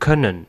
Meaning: 1. to be able (to do or be something), to have the possibility of, can 2. to be able (to do or be something), to have the possibility of, can.: to be able to do something implied; can
- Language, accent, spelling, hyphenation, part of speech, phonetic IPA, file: German, Germany, können, kön‧nen, verb, [ˈkœnn̩], De-können.ogg